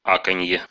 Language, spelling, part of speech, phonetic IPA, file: Russian, аканье, noun, [ˈakənʲje], Ru-а́канье.ogg
- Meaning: the standard reduced pronunciation of unstressed о as а (i.e., [ɐ] or [ə]), as heard in Central Russian and Southern Russian and Belarusian